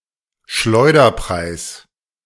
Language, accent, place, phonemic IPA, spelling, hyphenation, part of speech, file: German, Germany, Berlin, /ˈʃlɔɪ̯dɐˌpʁaɪ̯s/, Schleuderpreis, Schleu‧der‧preis, noun, De-Schleuderpreis.ogg
- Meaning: giveaway price